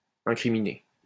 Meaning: to incriminate (to accuse or bring criminal charges against)
- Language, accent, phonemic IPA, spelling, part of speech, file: French, France, /ɛ̃.kʁi.mi.ne/, incriminer, verb, LL-Q150 (fra)-incriminer.wav